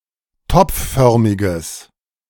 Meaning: strong/mixed nominative/accusative neuter singular of topfförmig
- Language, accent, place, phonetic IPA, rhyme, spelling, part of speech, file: German, Germany, Berlin, [ˈtɔp͡fˌfœʁmɪɡəs], -ɔp͡ffœʁmɪɡəs, topfförmiges, adjective, De-topfförmiges.ogg